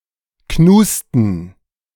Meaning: dative plural of Knust
- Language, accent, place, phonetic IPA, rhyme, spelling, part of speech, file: German, Germany, Berlin, [ˈknuːstn̩], -uːstn̩, Knusten, noun, De-Knusten.ogg